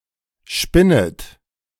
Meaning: second-person plural subjunctive I of spinnen
- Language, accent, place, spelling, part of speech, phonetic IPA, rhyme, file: German, Germany, Berlin, spinnet, verb, [ˈʃpɪnət], -ɪnət, De-spinnet.ogg